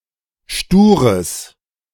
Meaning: strong/mixed nominative/accusative neuter singular of stur
- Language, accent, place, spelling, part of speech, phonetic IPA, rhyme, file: German, Germany, Berlin, stures, adjective, [ˈʃtuːʁəs], -uːʁəs, De-stures.ogg